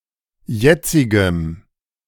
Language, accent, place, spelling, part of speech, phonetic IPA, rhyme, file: German, Germany, Berlin, jetzigem, adjective, [ˈjɛt͡sɪɡəm], -ɛt͡sɪɡəm, De-jetzigem.ogg
- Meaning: strong dative masculine/neuter singular of jetzig